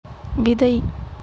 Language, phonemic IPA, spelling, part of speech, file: Tamil, /ʋɪd̪ɐɪ̯/, விதை, noun / verb, Ta-விதை.ogg
- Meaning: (noun) 1. seed 2. testicle; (verb) to sow seed